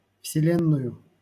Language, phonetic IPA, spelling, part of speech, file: Russian, [fsʲɪˈlʲenːʊjʊ], вселенную, noun, LL-Q7737 (rus)-вселенную.wav
- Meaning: accusative singular of вселе́нная (vselénnaja)